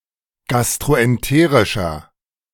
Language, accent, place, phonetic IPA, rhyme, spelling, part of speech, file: German, Germany, Berlin, [ˌɡastʁoʔɛnˈteːʁɪʃɐ], -eːʁɪʃɐ, gastroenterischer, adjective, De-gastroenterischer.ogg
- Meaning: inflection of gastroenterisch: 1. strong/mixed nominative masculine singular 2. strong genitive/dative feminine singular 3. strong genitive plural